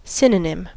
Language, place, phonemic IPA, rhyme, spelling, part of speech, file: English, California, /ˈsɪn.əˌnɪm/, -ɪm, synonym, noun / verb, En-us-synonym.ogg
- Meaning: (noun) A term (word or phrase) which is synonymous with others